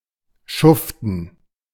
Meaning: to drudge, toil
- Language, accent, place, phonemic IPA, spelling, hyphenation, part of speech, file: German, Germany, Berlin, /ˈʃʊftn̩/, schuften, schuf‧ten, verb, De-schuften.ogg